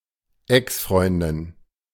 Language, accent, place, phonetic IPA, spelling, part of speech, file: German, Germany, Berlin, [ˈɛksˌfʀɔɪ̯ndɪn], Exfreundin, noun, De-Exfreundin.ogg
- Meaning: ex-girlfriend